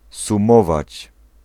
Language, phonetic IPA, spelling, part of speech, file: Polish, [sũˈmɔvat͡ɕ], sumować, verb, Pl-sumować.ogg